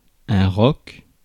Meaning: 1. rock 2. rook
- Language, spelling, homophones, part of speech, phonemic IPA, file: French, roc, rock / rocs / roque / roquent / roques, noun, /ʁɔk/, Fr-roc.ogg